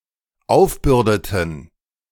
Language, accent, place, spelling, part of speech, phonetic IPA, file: German, Germany, Berlin, aufbürdeten, verb, [ˈaʊ̯fˌbʏʁdətn̩], De-aufbürdeten.ogg
- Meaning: inflection of aufbürden: 1. first/third-person plural dependent preterite 2. first/third-person plural dependent subjunctive II